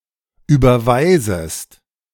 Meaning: second-person singular subjunctive I of überweisen
- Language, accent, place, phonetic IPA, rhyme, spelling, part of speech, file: German, Germany, Berlin, [ˌyːbɐˈvaɪ̯zəst], -aɪ̯zəst, überweisest, verb, De-überweisest.ogg